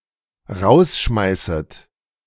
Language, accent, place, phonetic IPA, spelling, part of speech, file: German, Germany, Berlin, [ˈʁaʊ̯sˌʃmaɪ̯sət], rausschmeißet, verb, De-rausschmeißet.ogg
- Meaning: second-person plural dependent subjunctive I of rausschmeißen